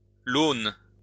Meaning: 1. an anabranch of the river Rhone 2. any diverging branch of a river
- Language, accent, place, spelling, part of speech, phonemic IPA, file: French, France, Lyon, lône, noun, /lon/, LL-Q150 (fra)-lône.wav